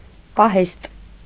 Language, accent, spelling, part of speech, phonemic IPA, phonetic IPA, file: Armenian, Eastern Armenian, պահեստ, noun, /pɑˈhest/, [pɑhést], Hy-պահեստ.ogg
- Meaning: 1. storehouse; warehouse 2. stock, supply, store; reserve